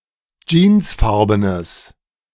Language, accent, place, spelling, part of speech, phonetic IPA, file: German, Germany, Berlin, jeansfarbenes, adjective, [ˈd͡ʒiːnsˌfaʁbənəs], De-jeansfarbenes.ogg
- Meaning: strong/mixed nominative/accusative neuter singular of jeansfarben